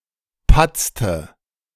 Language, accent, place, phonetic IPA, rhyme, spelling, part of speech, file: German, Germany, Berlin, [ˈpat͡stə], -at͡stə, patzte, verb, De-patzte.ogg
- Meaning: inflection of patzen: 1. first/third-person singular preterite 2. first/third-person singular subjunctive II